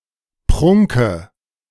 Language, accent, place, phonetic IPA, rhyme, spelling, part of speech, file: German, Germany, Berlin, [ˈpʁʊŋkə], -ʊŋkə, Prunke, noun, De-Prunke.ogg
- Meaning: dative of Prunk